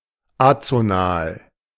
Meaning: azonal
- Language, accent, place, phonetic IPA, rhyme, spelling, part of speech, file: German, Germany, Berlin, [ˈat͡soˌnaːl], -aːl, azonal, adjective, De-azonal.ogg